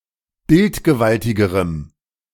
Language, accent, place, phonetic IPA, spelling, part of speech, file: German, Germany, Berlin, [ˈbɪltɡəˌvaltɪɡəʁəm], bildgewaltigerem, adjective, De-bildgewaltigerem.ogg
- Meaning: strong dative masculine/neuter singular comparative degree of bildgewaltig